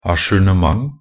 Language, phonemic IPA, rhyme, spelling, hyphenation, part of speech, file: Norwegian Bokmål, /aʃʉːɳəˈmaŋ/, -aŋ, ajournement, a‧jour‧ne‧ment, noun, Nb-ajournement.ogg
- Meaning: a delay or postponement (a period of time before an event occurs)